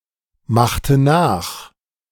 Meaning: inflection of nachmachen: 1. first/third-person singular preterite 2. first/third-person singular subjunctive II
- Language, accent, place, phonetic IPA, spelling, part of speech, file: German, Germany, Berlin, [ˌmaxtə ˈnaːx], machte nach, verb, De-machte nach.ogg